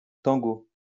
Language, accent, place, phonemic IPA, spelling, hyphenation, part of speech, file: French, France, Lyon, /tɑ̃.ɡo/, tango, tan‧go, noun, LL-Q150 (fra)-tango.wav
- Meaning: 1. tango (dance) 2. tango (music)